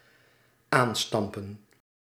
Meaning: to tamp; especially, to stamp/stomp (on soil or a granular fluid) to make it compact
- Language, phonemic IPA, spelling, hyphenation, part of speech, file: Dutch, /ˈaːnˌstɑm.pə(n)/, aanstampen, aan‧stam‧pen, verb, Nl-aanstampen.ogg